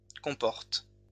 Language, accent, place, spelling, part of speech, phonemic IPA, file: French, France, Lyon, comportes, verb, /kɔ̃.pɔʁt/, LL-Q150 (fra)-comportes.wav
- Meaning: second-person singular present indicative/subjunctive of comporter